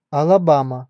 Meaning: 1. Alabama (a state of the United States) 2. Alabama (a river in Alabama)
- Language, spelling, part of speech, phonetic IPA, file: Russian, Алабама, proper noun, [ɐɫɐˈbamə], Ru-Алабама.ogg